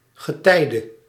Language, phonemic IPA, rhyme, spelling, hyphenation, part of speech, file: Dutch, /ɣəˈtɛi̯.də/, -ɛi̯də, getijde, ge‧tij‧de, noun, Nl-getijde.ogg
- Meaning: 1. a tide of the sea, either flood or ebb 2. canonical hour 3. a time (period) with a circumstantial nature; especially a season of the year